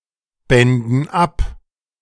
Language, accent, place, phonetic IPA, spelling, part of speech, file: German, Germany, Berlin, [ˌbɛndn̩ ˈap], bänden ab, verb, De-bänden ab.ogg
- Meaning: first/third-person plural subjunctive II of abbinden